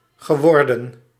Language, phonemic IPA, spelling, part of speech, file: Dutch, /ɣəˈʋɔrdə(n)/, geworden, verb, Nl-geworden.ogg
- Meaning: past participle of worden